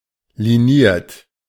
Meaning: lined, ruled
- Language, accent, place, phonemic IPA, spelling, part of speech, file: German, Germany, Berlin, /liˈniːɐ̯t/, liniert, adjective, De-liniert.ogg